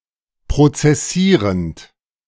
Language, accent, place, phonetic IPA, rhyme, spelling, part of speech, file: German, Germany, Berlin, [pʁot͡sɛˈsiːʁənt], -iːʁənt, prozessierend, verb, De-prozessierend.ogg
- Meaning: present participle of prozessieren